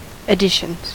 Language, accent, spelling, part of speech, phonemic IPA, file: English, US, additions, noun, /əˈdɪʃənz/, En-us-additions.ogg
- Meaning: plural of addition